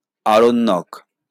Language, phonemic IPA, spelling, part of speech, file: Bengali, /aɾonːok/, আরণ্যক, adjective / noun, LL-Q9610 (ben)-আরণ্যক.wav
- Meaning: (adjective) 1. forest-grown, belonging to forest 2. pertaining to forest; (noun) Aranyaka